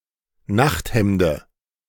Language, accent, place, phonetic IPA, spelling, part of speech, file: German, Germany, Berlin, [ˈnaxtˌhɛmdə], Nachthemde, noun, De-Nachthemde.ogg
- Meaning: dative of Nachthemd